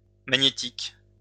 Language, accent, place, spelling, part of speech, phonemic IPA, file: French, France, Lyon, magnétiques, adjective, /ma.ɲe.tik/, LL-Q150 (fra)-magnétiques.wav
- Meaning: plural of magnétique